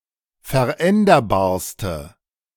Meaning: inflection of veränderbar: 1. strong/mixed nominative/accusative feminine singular superlative degree 2. strong nominative/accusative plural superlative degree
- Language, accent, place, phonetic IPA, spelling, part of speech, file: German, Germany, Berlin, [fɛɐ̯ˈʔɛndɐbaːɐ̯stə], veränderbarste, adjective, De-veränderbarste.ogg